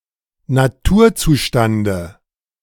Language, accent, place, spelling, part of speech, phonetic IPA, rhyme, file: German, Germany, Berlin, Naturzustande, noun, [naˈtuːɐ̯ˌt͡suːʃtandə], -uːɐ̯t͡suːʃtandə, De-Naturzustande.ogg
- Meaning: dative of Naturzustand